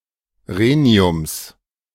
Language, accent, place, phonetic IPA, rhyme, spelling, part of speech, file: German, Germany, Berlin, [ˈʁeːni̯ʊms], -eːni̯ʊms, Rheniums, noun, De-Rheniums.ogg
- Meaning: genitive singular of Rhenium